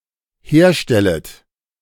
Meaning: second-person plural dependent subjunctive I of herstellen
- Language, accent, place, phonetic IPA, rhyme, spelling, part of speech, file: German, Germany, Berlin, [ˈheːɐ̯ˌʃtɛlət], -eːɐ̯ʃtɛlət, herstellet, verb, De-herstellet.ogg